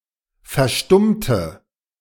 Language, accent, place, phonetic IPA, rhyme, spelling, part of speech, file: German, Germany, Berlin, [fɛɐ̯ˈʃtʊmtə], -ʊmtə, verstummte, adjective / verb, De-verstummte.ogg
- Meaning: inflection of verstummen: 1. first/third-person singular preterite 2. first/third-person singular subjunctive II